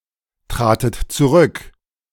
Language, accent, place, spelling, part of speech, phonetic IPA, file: German, Germany, Berlin, tratet zurück, verb, [ˌtʁaːtət t͡suˈʁʏk], De-tratet zurück.ogg
- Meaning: second-person plural preterite of zurücktreten